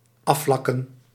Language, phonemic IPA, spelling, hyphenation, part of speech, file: Dutch, /ˈɑˌflɑ.kə(n)/, afvlakken, af‧vlak‧ken, verb, Nl-afvlakken.ogg
- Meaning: to smoothen (to make or become smooth)